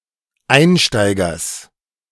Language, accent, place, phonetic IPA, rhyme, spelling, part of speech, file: German, Germany, Berlin, [ˈaɪ̯nˌʃtaɪ̯ɡɐs], -aɪ̯nʃtaɪ̯ɡɐs, Einsteigers, noun, De-Einsteigers.ogg
- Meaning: genitive singular of Einsteiger